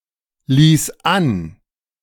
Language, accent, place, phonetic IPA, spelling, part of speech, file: German, Germany, Berlin, [ˌliːs ˈan], ließ an, verb, De-ließ an.ogg
- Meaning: first/third-person singular preterite of anlassen